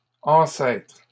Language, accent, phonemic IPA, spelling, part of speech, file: French, Canada, /ɑ̃.sɛtʁ/, ancêtres, noun, LL-Q150 (fra)-ancêtres.wav
- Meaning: plural of ancêtre